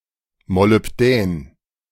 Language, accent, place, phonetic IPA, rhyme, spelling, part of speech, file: German, Germany, Berlin, [molʏpˈdɛːn], -ɛːn, Molybdän, noun, De-Molybdän.ogg
- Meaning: molybdenum